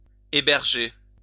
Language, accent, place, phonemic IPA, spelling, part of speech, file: French, France, Lyon, /e.bɛʁ.ʒe/, héberger, verb, LL-Q150 (fra)-héberger.wav
- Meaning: to house, accommodate